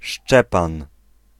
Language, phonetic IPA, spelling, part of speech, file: Polish, [ˈʃt͡ʃɛpãn], Szczepan, proper noun, Pl-Szczepan.ogg